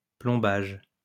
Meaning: 1. weighting (with lead); filling, stopping 2. filling
- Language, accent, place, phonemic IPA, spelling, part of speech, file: French, France, Lyon, /plɔ̃.baʒ/, plombage, noun, LL-Q150 (fra)-plombage.wav